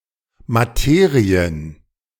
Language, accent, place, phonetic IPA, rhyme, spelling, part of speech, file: German, Germany, Berlin, [maˈteːʁiən], -eːʁiən, Materien, noun, De-Materien.ogg
- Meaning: plural of Materie